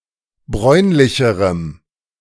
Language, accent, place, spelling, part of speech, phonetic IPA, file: German, Germany, Berlin, bräunlicherem, adjective, [ˈbʁɔɪ̯nlɪçəʁəm], De-bräunlicherem.ogg
- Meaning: strong dative masculine/neuter singular comparative degree of bräunlich